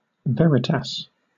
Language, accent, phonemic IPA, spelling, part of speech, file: English, Southern England, /ˈvɛɹɪtɑːs/, veritas, noun, LL-Q1860 (eng)-veritas.wav
- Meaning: Truth, particularly of a transcendent character